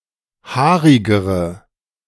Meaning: inflection of haarig: 1. strong/mixed nominative/accusative feminine singular comparative degree 2. strong nominative/accusative plural comparative degree
- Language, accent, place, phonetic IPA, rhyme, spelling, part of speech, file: German, Germany, Berlin, [ˈhaːʁɪɡəʁə], -aːʁɪɡəʁə, haarigere, adjective, De-haarigere.ogg